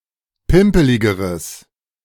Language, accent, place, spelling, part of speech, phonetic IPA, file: German, Germany, Berlin, pimpeligeres, adjective, [ˈpɪmpəlɪɡəʁəs], De-pimpeligeres.ogg
- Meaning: strong/mixed nominative/accusative neuter singular comparative degree of pimpelig